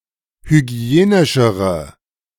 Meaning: inflection of hygienisch: 1. strong/mixed nominative/accusative feminine singular comparative degree 2. strong nominative/accusative plural comparative degree
- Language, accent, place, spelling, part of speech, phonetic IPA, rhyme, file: German, Germany, Berlin, hygienischere, adjective, [hyˈɡi̯eːnɪʃəʁə], -eːnɪʃəʁə, De-hygienischere.ogg